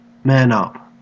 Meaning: To be brave or tough enough to deal with something in a manner that is considered strong or manly. (Compare man (“brace oneself, steel oneself”))
- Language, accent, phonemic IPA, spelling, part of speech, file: English, Australia, /mæn ˈʌp/, man up, verb, En-au-man up.ogg